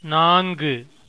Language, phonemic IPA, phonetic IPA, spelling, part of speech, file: Tamil, /nɑːnɡɯ/, [näːnɡɯ], நான்கு, numeral, Ta-நான்கு.oga
- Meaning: four (numeral: ௪)